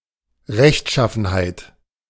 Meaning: righteousness, probity
- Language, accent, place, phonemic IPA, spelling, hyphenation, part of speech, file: German, Germany, Berlin, /ˈʁɛçtˌʃafənhaɪ̯t/, Rechtschaffenheit, Recht‧schaf‧fen‧heit, noun, De-Rechtschaffenheit.ogg